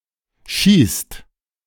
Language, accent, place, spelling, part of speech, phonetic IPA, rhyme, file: German, Germany, Berlin, schießt, verb, [ʃiːst], -iːst, De-schießt.ogg
- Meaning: inflection of schießen: 1. second/third-person singular present 2. second-person plural present 3. plural imperative